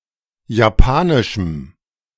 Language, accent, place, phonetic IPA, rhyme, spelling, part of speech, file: German, Germany, Berlin, [jaˈpaːnɪʃm̩], -aːnɪʃm̩, japanischem, adjective, De-japanischem.ogg
- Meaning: strong dative masculine/neuter singular of japanisch